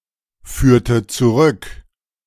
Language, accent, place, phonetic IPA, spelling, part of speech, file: German, Germany, Berlin, [ˌfyːɐ̯tə t͡suˈʁʏk], führte zurück, verb, De-führte zurück.ogg
- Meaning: inflection of zurückführen: 1. first/third-person singular preterite 2. first/third-person singular subjunctive II